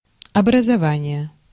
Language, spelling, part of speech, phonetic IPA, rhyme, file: Russian, образование, noun, [ɐbrəzɐˈvanʲɪje], -anʲɪje, Ru-образование.ogg
- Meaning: 1. formation 2. constitution 3. education